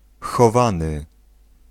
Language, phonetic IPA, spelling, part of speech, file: Polish, [xɔˈvãnɨ], chowany, noun / verb, Pl-chowany.ogg